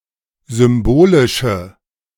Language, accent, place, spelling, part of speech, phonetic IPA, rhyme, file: German, Germany, Berlin, symbolische, adjective, [ˌzʏmˈboːlɪʃə], -oːlɪʃə, De-symbolische.ogg
- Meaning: inflection of symbolisch: 1. strong/mixed nominative/accusative feminine singular 2. strong nominative/accusative plural 3. weak nominative all-gender singular